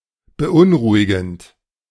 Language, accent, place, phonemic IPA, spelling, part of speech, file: German, Germany, Berlin, /bəˈʔʊnˌʁuːɪɡn̩t/, beunruhigend, verb / adjective, De-beunruhigend.ogg
- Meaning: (verb) present participle of beunruhigen; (adjective) worrying, disconcerting